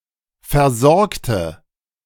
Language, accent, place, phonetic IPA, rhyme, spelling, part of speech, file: German, Germany, Berlin, [fɛɐ̯ˈzɔʁktə], -ɔʁktə, versorgte, adjective / verb, De-versorgte.ogg
- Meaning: inflection of versorgen: 1. first/third-person singular preterite 2. first/third-person singular subjunctive II